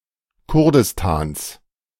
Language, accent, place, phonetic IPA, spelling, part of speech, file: German, Germany, Berlin, [ˈkʊʁdɪstaːns], Kurdistans, noun, De-Kurdistans.ogg
- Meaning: genitive singular of Kurdistan